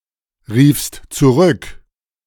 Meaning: second-person singular preterite of zurückrufen
- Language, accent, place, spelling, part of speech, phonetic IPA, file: German, Germany, Berlin, riefst zurück, verb, [ˌʁiːfst t͡suˈʁʏk], De-riefst zurück.ogg